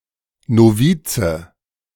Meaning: 1. novice (male) 2. novice (female)
- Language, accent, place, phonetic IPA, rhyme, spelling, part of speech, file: German, Germany, Berlin, [noˈviːt͡sə], -iːt͡sə, Novize, noun, De-Novize.ogg